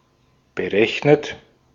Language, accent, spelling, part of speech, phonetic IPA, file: German, Austria, berechnet, verb, [bəˈʁɛçnət], De-at-berechnet.ogg
- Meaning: 1. past participle of berechnen 2. inflection of berechnen: third-person singular present 3. inflection of berechnen: second-person plural present 4. inflection of berechnen: plural imperative